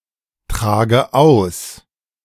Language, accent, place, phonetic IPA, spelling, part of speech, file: German, Germany, Berlin, [ˌtʁaːɡə ˈaʊ̯s], trage aus, verb, De-trage aus.ogg
- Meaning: inflection of austragen: 1. first-person singular present 2. first/third-person singular subjunctive I 3. singular imperative